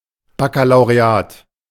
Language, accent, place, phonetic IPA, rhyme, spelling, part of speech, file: German, Germany, Berlin, [bakalaʊ̯ʁeˈaːt], -aːt, Bakkalaureat, noun, De-Bakkalaureat.ogg
- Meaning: 1. lowest academical degree of universities and colleges; baccalaureate (Austria, United Kingdom, North America) 2. Final exams taken at the end of the secondary education in France